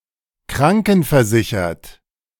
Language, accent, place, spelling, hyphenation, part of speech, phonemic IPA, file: German, Germany, Berlin, krankenversichert, kran‧ken‧ver‧si‧chert, adjective, /ˈkʁaŋkn̩fɛɐ̯ˌzɪçɐt/, De-krankenversichert.ogg
- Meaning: having health insurance